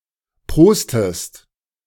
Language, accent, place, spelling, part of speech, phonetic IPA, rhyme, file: German, Germany, Berlin, prostest, verb, [ˈpʁoːstəst], -oːstəst, De-prostest.ogg
- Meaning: inflection of prosten: 1. second-person singular present 2. second-person singular subjunctive I